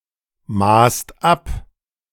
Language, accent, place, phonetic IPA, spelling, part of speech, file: German, Germany, Berlin, [maːst ˈap], maßt ab, verb, De-maßt ab.ogg
- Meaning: second-person singular/plural preterite of abmessen